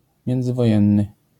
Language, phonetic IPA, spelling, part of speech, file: Polish, [ˌmʲjɛ̃nd͡zɨvɔˈjɛ̃nːɨ], międzywojenny, adjective, LL-Q809 (pol)-międzywojenny.wav